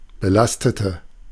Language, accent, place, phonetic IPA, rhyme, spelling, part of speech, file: German, Germany, Berlin, [bəˈlastətə], -astətə, belastete, adjective / verb, De-belastete.ogg
- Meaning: inflection of belasten: 1. first/third-person singular preterite 2. first/third-person singular subjunctive II